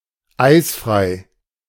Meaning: free of ice
- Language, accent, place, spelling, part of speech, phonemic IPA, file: German, Germany, Berlin, eisfrei, adjective, /ˈaɪ̯sfʁaɪ̯/, De-eisfrei.ogg